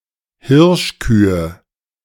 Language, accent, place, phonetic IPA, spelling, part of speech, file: German, Germany, Berlin, [ˈhɪʁʃˌkyːə], Hirschkühe, noun, De-Hirschkühe.ogg
- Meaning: nominative/accusative/genitive plural of Hirschkuh